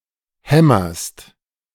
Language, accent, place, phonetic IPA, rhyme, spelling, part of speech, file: German, Germany, Berlin, [ˈhɛmɐst], -ɛmɐst, hämmerst, verb, De-hämmerst.ogg
- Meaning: second-person singular present of hämmern